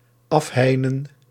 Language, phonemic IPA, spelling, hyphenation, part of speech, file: Dutch, /ˈɑfˌɦɛi̯.nə(n)/, afheinen, af‧hei‧nen, verb, Nl-afheinen.ogg
- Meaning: 1. to fence off (to make something out of bounds by means of barriers) 2. to separate